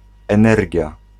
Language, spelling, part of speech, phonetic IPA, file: Polish, energia, noun, [ɛ̃ˈnɛrʲɟja], Pl-energia.ogg